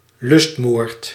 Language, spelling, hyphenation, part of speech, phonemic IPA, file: Dutch, lustmoord, lust‧moord, noun, /ˈlʏst.moːrt/, Nl-lustmoord.ogg
- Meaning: a murder with a sexual motive